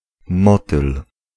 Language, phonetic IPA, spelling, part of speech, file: Polish, [ˈmɔtɨl], motyl, noun, Pl-motyl.ogg